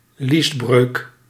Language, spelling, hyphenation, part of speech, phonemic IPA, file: Dutch, liesbreuk, lies‧breuk, noun, /ˈlis.brøːk/, Nl-liesbreuk.ogg
- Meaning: inguinal hernia